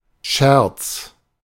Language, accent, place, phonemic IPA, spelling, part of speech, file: German, Germany, Berlin, /ʃɛʁt͡s/, Scherz, noun, De-Scherz.ogg
- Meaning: 1. joke 2. frolic 3. bread end